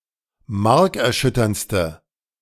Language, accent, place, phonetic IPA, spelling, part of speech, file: German, Germany, Berlin, [ˈmaʁkɛɐ̯ˌʃʏtɐnt͡stə], markerschütterndste, adjective, De-markerschütterndste.ogg
- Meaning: inflection of markerschütternd: 1. strong/mixed nominative/accusative feminine singular superlative degree 2. strong nominative/accusative plural superlative degree